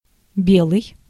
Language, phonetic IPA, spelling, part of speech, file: Russian, [ˈbʲeɫəj], белый, adjective / noun / phrase, Ru-белый.ogg
- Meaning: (adjective) 1. white 2. white skinned 3. light, fair; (noun) 1. a White; a member of the White Guard; an anticommunist 2. white person; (phrase) как бе́лый день (kak bélyj denʹ)